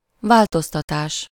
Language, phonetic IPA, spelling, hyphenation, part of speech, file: Hungarian, [ˈvaːltostɒtaːʃ], változtatás, vál‧toz‧ta‧tás, noun, Hu-változtatás.ogg
- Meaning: change, modification